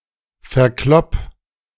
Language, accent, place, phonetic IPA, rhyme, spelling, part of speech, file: German, Germany, Berlin, [fɛɐ̯ˈklɔp], -ɔp, verklopp, verb, De-verklopp.ogg
- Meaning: 1. singular imperative of verkloppen 2. first-person singular present of verkloppen